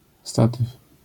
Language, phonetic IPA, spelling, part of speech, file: Polish, [ˈstatɨf], statyw, noun, LL-Q809 (pol)-statyw.wav